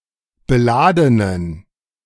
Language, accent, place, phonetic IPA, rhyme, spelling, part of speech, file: German, Germany, Berlin, [bəˈlaːdənən], -aːdənən, beladenen, adjective, De-beladenen.ogg
- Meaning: inflection of beladen: 1. strong genitive masculine/neuter singular 2. weak/mixed genitive/dative all-gender singular 3. strong/weak/mixed accusative masculine singular 4. strong dative plural